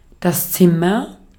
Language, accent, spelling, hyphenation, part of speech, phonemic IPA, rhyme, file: German, Austria, Zimmer, Zim‧mer, noun / proper noun, /ˈt͡sɪmɐ/, -ɪmɐ, De-at-Zimmer.ogg
- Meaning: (noun) 1. room (separate part of a building, enclosed by walls, a floor and a ceiling) 2. timber; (proper noun) a surname